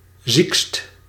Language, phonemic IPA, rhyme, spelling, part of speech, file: Dutch, /zikst/, -ikst, ziekst, adjective, Nl-ziekst.ogg
- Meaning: superlative degree of ziek